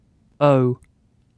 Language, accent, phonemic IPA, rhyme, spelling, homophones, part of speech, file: English, Received Pronunciation, /əʊ/, -əʊ, oh, o / O / owe, interjection / noun / verb, En-uk-oh.ogg
- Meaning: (interjection) 1. Expression of surprise 2. Expression of wonder, amazement, or awe 3. Expression of understanding, affirmation, recognition, or realization 4. A word to precede an annoyed remark